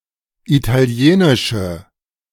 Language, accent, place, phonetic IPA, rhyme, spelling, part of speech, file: German, Germany, Berlin, [ˌitaˈli̯eːnɪʃə], -eːnɪʃə, italienische, adjective, De-italienische.ogg
- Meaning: inflection of italienisch: 1. strong/mixed nominative/accusative feminine singular 2. strong nominative/accusative plural 3. weak nominative all-gender singular